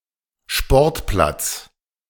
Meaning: sports field
- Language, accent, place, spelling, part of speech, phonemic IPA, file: German, Germany, Berlin, Sportplatz, noun, /ˈʃpɔʁtˌplat͡s/, De-Sportplatz.ogg